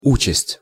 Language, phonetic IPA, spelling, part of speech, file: Russian, [ˈut͡ɕɪsʲtʲ], участь, noun, Ru-участь.ogg
- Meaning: fate, destiny, lot